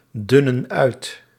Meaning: inflection of uitdunnen: 1. plural present indicative 2. plural present subjunctive
- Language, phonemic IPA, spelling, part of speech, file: Dutch, /ˈdʏnə(n) ˈœyt/, dunnen uit, verb, Nl-dunnen uit.ogg